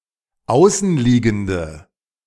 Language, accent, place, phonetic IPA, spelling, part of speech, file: German, Germany, Berlin, [ˈaʊ̯sn̩ˌliːɡn̩də], außenliegende, adjective, De-außenliegende.ogg
- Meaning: inflection of außenliegend: 1. strong/mixed nominative/accusative feminine singular 2. strong nominative/accusative plural 3. weak nominative all-gender singular